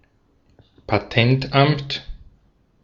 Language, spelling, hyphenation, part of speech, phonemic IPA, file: German, Patentamt, Pa‧tent‧amt, noun, /paˈtɛntˌʔamt/, De-at-Patentamt.ogg
- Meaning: patent office